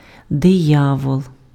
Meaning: 1. devil 2. devil, insidious person
- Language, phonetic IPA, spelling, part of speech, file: Ukrainian, [deˈjawɔɫ], диявол, noun, Uk-диявол.ogg